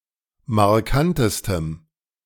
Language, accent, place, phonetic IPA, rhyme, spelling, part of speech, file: German, Germany, Berlin, [maʁˈkantəstəm], -antəstəm, markantestem, adjective, De-markantestem.ogg
- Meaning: strong dative masculine/neuter singular superlative degree of markant